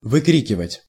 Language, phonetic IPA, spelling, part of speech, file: Russian, [vɨˈkrʲikʲɪvətʲ], выкрикивать, verb, Ru-выкрикивать.ogg
- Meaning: 1. to scream out, to yell 2. to call out